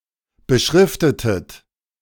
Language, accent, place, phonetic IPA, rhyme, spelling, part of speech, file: German, Germany, Berlin, [bəˈʃʁɪftətət], -ɪftətət, beschriftetet, verb, De-beschriftetet.ogg
- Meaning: inflection of beschriften: 1. second-person plural preterite 2. second-person plural subjunctive II